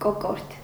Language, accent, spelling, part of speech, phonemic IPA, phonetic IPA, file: Armenian, Eastern Armenian, կոկորդ, noun, /koˈkoɾtʰ/, [kokóɾtʰ], Hy-կոկորդ.ogg
- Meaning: 1. throat 2. larynx